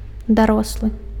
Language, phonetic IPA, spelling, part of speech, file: Belarusian, [daˈrosɫɨ], дарослы, adjective / noun, Be-дарослы.ogg
- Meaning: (adjective) grown, grown up, adult; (noun) adult